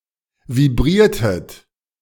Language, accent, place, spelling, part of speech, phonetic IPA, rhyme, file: German, Germany, Berlin, vibriertet, verb, [viˈbʁiːɐ̯tət], -iːɐ̯tət, De-vibriertet.ogg
- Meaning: inflection of vibrieren: 1. second-person plural preterite 2. second-person plural subjunctive II